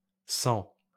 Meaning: se + en
- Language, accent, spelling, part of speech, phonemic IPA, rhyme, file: French, France, s'en, contraction, /s‿ɑ̃/, -ɑ̃, LL-Q150 (fra)-s'en.wav